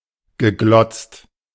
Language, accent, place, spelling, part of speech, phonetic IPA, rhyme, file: German, Germany, Berlin, geglotzt, verb, [ɡəˈɡlɔt͡st], -ɔt͡st, De-geglotzt.ogg
- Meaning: past participle of glotzen